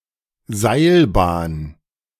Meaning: cable car, aerial tramway, gondola lift, ropeway conveyor
- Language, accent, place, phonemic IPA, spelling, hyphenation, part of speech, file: German, Germany, Berlin, /ˈzaɪ̯lˌbaːn/, Seilbahn, Seil‧bahn, noun, De-Seilbahn.ogg